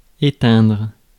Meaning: 1. to turn off (a switch, device, etc.) 2. to put out, to extinguish (a fire) 3. to die out, fade
- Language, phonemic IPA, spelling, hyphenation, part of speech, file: French, /e.tɛ̃dʁ/, éteindre, é‧teindre, verb, Fr-éteindre.ogg